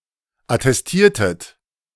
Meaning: inflection of attestieren: 1. second-person plural preterite 2. second-person plural subjunctive II
- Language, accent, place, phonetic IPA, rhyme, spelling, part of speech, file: German, Germany, Berlin, [atɛsˈtiːɐ̯tət], -iːɐ̯tət, attestiertet, verb, De-attestiertet.ogg